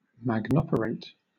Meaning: 1. To magnify the greatness of (someone or something); to exalt 2. To act grandly
- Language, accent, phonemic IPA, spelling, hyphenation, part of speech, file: English, Southern England, /mæɡˈnɒpəɹeɪt/, magnoperate, mag‧no‧per‧ate, verb, LL-Q1860 (eng)-magnoperate.wav